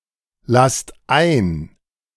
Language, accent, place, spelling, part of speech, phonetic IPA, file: German, Germany, Berlin, lasst ein, verb, [ˌlast ˈaɪ̯n], De-lasst ein.ogg
- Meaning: inflection of einlassen: 1. second-person plural present 2. plural imperative